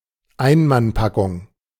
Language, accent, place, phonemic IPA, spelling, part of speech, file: German, Germany, Berlin, /ˈaɪ̯nmanˌpakʊŋ/, Einmannpackung, noun, De-Einmannpackung.ogg
- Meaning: field ration, combat ration